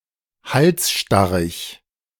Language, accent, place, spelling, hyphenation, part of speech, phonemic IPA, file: German, Germany, Berlin, halsstarrig, hals‧star‧rig, adjective, /ˈhalsˌʃtaʁɪç/, De-halsstarrig.ogg
- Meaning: stubborn, obstinate, stiff-necked